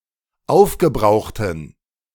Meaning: inflection of aufgebraucht: 1. strong genitive masculine/neuter singular 2. weak/mixed genitive/dative all-gender singular 3. strong/weak/mixed accusative masculine singular 4. strong dative plural
- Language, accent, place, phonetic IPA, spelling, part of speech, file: German, Germany, Berlin, [ˈaʊ̯fɡəˌbʁaʊ̯xtn̩], aufgebrauchten, adjective, De-aufgebrauchten.ogg